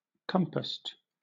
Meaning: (verb) simple past and past participle of compass; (adjective) rounded; arched
- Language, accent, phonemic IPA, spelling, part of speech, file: English, Southern England, /ˈkʌmpəst/, compassed, verb / adjective, LL-Q1860 (eng)-compassed.wav